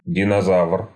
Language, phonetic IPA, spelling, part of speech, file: Russian, [dʲɪnɐˈzav(ə)r], динозавр, noun, Ru-динозавр.ogg
- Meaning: dinosaur